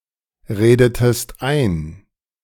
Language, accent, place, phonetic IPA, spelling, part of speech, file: German, Germany, Berlin, [ˌʁeːdətəst ˈaɪ̯n], redetest ein, verb, De-redetest ein.ogg
- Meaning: inflection of einreden: 1. second-person singular preterite 2. second-person singular subjunctive II